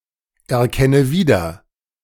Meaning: inflection of wiedererkennen: 1. first-person singular present 2. first/third-person singular subjunctive I 3. singular imperative
- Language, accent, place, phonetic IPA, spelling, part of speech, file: German, Germany, Berlin, [ɛɐ̯ˌkɛnə ˈviːdɐ], erkenne wieder, verb, De-erkenne wieder.ogg